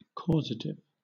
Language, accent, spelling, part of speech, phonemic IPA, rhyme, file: English, Southern England, causative, adjective / noun, /ˈkɔːzətɪv/, -ɔːzətɪv, LL-Q1860 (eng)-causative.wav
- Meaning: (adjective) 1. Acting as a cause 2. Involving, or affected by, causality 3. Expressing a cause or causation